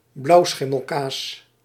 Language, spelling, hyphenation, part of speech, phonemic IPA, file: Dutch, blauwschimmelkaas, blauw‧schim‧mel‧kaas, noun, /ˈblɑu̯ˌsxɪ.məl.kaːs/, Nl-blauwschimmelkaas.ogg
- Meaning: blue cheese